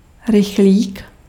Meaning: express, express train, fast train
- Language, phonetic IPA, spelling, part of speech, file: Czech, [ˈrɪxliːk], rychlík, noun, Cs-rychlík.ogg